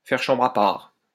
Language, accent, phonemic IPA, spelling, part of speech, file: French, France, /fɛʁ ʃɑ̃.bʁ‿a paʁ/, faire chambre à part, verb, LL-Q150 (fra)-faire chambre à part.wav
- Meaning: to sleep in separate rooms (of a couple)